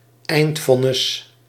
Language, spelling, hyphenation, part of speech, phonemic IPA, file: Dutch, eindvonnis, eind‧von‧nis, noun, /ˈɛi̯ntˌfɔ.nɪs/, Nl-eindvonnis.ogg
- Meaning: final verdict